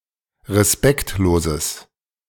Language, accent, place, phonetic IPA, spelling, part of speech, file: German, Germany, Berlin, [ʁeˈspɛktloːzəs], respektloses, adjective, De-respektloses.ogg
- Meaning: strong/mixed nominative/accusative neuter singular of respektlos